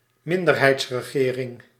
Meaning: minority government
- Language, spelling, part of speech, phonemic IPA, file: Dutch, minderheidsregering, noun, /ˈmɪndərˌhɛitsrəˌɣerɪŋ/, Nl-minderheidsregering.ogg